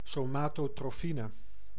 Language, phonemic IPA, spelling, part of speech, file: Dutch, /ˌsomatotroˈfinə/, somatotrofine, noun, Nl-somatotrofine.ogg
- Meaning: somatotropin